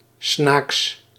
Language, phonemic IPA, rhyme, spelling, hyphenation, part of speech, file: Dutch, /snaːks/, -aːks, snaaks, snaaks, adjective, Nl-snaaks.ogg
- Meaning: mischievously funny, pranksterish